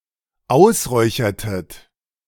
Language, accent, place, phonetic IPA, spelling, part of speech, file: German, Germany, Berlin, [ˈaʊ̯sˌʁɔɪ̯çɐtət], ausräuchertet, verb, De-ausräuchertet.ogg
- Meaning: inflection of ausräuchern: 1. second-person plural dependent preterite 2. second-person plural dependent subjunctive II